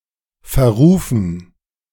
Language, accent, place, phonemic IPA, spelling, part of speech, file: German, Germany, Berlin, /fɛɐ̯ˈʁuːfn̩/, verrufen, verb / adjective, De-verrufen.ogg
- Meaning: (verb) 1. to make infamous, to cause to have a bad reputation 2. past participle of verrufen; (adjective) notorious, infamous